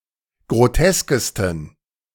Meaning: 1. superlative degree of grotesk 2. inflection of grotesk: strong genitive masculine/neuter singular superlative degree
- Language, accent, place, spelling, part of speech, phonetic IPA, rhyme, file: German, Germany, Berlin, groteskesten, adjective, [ɡʁoˈtɛskəstn̩], -ɛskəstn̩, De-groteskesten.ogg